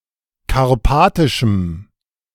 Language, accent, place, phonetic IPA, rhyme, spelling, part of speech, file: German, Germany, Berlin, [kaʁˈpaːtɪʃm̩], -aːtɪʃm̩, karpatischem, adjective, De-karpatischem.ogg
- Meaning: strong dative masculine/neuter singular of karpatisch